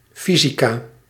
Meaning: physics (branch of science)
- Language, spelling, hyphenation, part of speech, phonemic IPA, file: Dutch, fysica, fy‧si‧ca, noun, /ˈfizika/, Nl-fysica.ogg